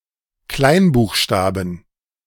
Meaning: 1. genitive singular of Kleinbuchstabe 2. plural of Kleinbuchstabe
- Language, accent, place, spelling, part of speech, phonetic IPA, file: German, Germany, Berlin, Kleinbuchstaben, noun, [ˈklaɪ̯nˌbuːxʃtaːbn̩], De-Kleinbuchstaben.ogg